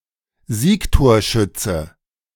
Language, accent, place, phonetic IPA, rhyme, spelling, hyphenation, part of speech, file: German, Germany, Berlin, [ˈziːktoːɐ̯ˌʃʏtsə], -ʏtsə, Siegtorschütze, Sieg‧tor‧schüt‧ze, noun, De-Siegtorschütze.ogg
- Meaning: soccer player who scores/scored the game-winning goal